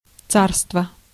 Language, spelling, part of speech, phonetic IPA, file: Russian, царство, noun, [ˈt͡sarstvə], Ru-царство.ogg
- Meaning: 1. empire, kingdom; tsardom 2. rule 3. reign